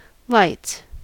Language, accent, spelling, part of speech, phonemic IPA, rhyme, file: English, US, lights, noun / verb, /laɪts/, -aɪts, En-us-lights.ogg
- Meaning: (noun) 1. plural of light 2. The lungs, now chiefly of an animal (being lighter than adjacent parts); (verb) third-person singular simple present indicative of light